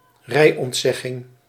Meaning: a suspension of a driving licence, a disqualification from driving
- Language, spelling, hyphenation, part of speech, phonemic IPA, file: Dutch, rijontzegging, rij‧ont‧zeg‧ging, noun, /ˈrɛi̯.ɔntˌsɛ.ɣɪŋ/, Nl-rijontzegging.ogg